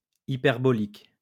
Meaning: 1. hyperbolic, exaggerated 2. hyperbolic
- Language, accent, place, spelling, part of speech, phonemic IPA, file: French, France, Lyon, hyperbolique, adjective, /i.pɛʁ.bɔ.lik/, LL-Q150 (fra)-hyperbolique.wav